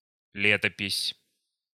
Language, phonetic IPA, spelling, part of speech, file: Russian, [ˈlʲetəpʲɪsʲ], летопись, noun, Ru-летопись.ogg
- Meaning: annals, chronicle, record, fasti (a relation of events)